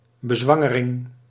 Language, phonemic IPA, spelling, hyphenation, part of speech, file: Dutch, /bəˈzʋɑ.ŋəˌrɪŋ/, bezwangering, be‧zwan‧ge‧ring, noun, Nl-bezwangering.ogg
- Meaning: impregnation, the act of making someone pregnant